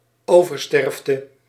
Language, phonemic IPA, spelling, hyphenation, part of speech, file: Dutch, /ˈoː.vərˌstɛrf.tə/, oversterfte, over‧sterf‧te, noun, Nl-oversterfte.ogg
- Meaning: excess mortality in comparison to a reference period or reference group